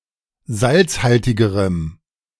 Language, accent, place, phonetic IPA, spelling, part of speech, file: German, Germany, Berlin, [ˈzalt͡sˌhaltɪɡəʁəm], salzhaltigerem, adjective, De-salzhaltigerem.ogg
- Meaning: strong dative masculine/neuter singular comparative degree of salzhaltig